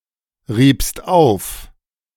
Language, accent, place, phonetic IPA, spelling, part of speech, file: German, Germany, Berlin, [ˌʁiːpst ˈaʊ̯f], riebst auf, verb, De-riebst auf.ogg
- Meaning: second-person singular preterite of aufreiben